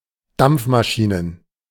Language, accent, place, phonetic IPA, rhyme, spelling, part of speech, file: German, Germany, Berlin, [ˈdamp͡fmaˌʃiːnən], -amp͡fmaʃiːnən, Dampfmaschinen, noun, De-Dampfmaschinen.ogg
- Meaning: plural of Dampfmaschine